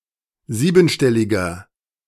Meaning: inflection of siebenstellig: 1. strong/mixed nominative masculine singular 2. strong genitive/dative feminine singular 3. strong genitive plural
- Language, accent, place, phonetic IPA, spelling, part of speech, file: German, Germany, Berlin, [ˈziːbn̩ˌʃtɛlɪɡɐ], siebenstelliger, adjective, De-siebenstelliger.ogg